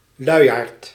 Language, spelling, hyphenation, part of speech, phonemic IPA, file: Dutch, luiaard, lui‧aard, noun, /ˈlœyjart/, Nl-luiaard.ogg
- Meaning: 1. a lazy person 2. a sloth (mammal of the suborder Folivora)